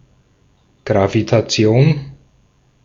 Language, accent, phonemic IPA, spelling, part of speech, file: German, Austria, /ɡʁavitaˈt͡sɪ̯oːn/, Gravitation, noun, De-at-Gravitation.ogg
- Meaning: gravitation